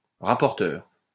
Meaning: 1. reporter (someone who reports) 2. telltale 3. rapporteur (same sense as in English) 4. protractor (instrument)
- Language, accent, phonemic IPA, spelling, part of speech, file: French, France, /ʁa.pɔʁ.tœʁ/, rapporteur, noun, LL-Q150 (fra)-rapporteur.wav